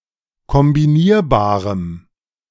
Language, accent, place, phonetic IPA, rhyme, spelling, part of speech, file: German, Germany, Berlin, [kɔmbiˈniːɐ̯baːʁəm], -iːɐ̯baːʁəm, kombinierbarem, adjective, De-kombinierbarem.ogg
- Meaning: strong dative masculine/neuter singular of kombinierbar